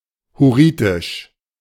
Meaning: Hurrian (of or pertaining to the Hurrians)
- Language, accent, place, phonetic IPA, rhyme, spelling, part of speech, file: German, Germany, Berlin, [hʊˈʁiːtɪʃ], -iːtɪʃ, hurritisch, adjective, De-hurritisch.ogg